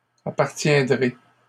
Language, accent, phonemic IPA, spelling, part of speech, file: French, Canada, /a.paʁ.tjɛ̃.dʁe/, appartiendrai, verb, LL-Q150 (fra)-appartiendrai.wav
- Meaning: first-person singular future of appartenir